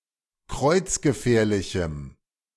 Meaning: strong dative masculine/neuter singular of kreuzgefährlich
- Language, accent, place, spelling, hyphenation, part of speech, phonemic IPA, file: German, Germany, Berlin, kreuzgefährlichem, kreuz‧ge‧fähr‧li‧chem, adjective, /ˈkʁɔɪ̯t͡s.ɡəˌfɛːɐ̯lɪçm̩/, De-kreuzgefährlichem.ogg